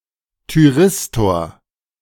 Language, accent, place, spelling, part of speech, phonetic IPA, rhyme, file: German, Germany, Berlin, Thyristor, noun, [tyˈʁɪstoːɐ̯], -ɪstoːɐ̯, De-Thyristor.ogg
- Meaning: thyristor (semiconductor device)